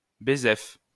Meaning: alternative spelling of bézef
- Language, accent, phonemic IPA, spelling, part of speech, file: French, France, /be.zɛf/, bésef, adverb, LL-Q150 (fra)-bésef.wav